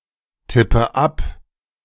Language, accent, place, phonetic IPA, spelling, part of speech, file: German, Germany, Berlin, [ˌtɪpə ˈap], tippe ab, verb, De-tippe ab.ogg
- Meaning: inflection of abtippen: 1. first-person singular present 2. first/third-person singular subjunctive I 3. singular imperative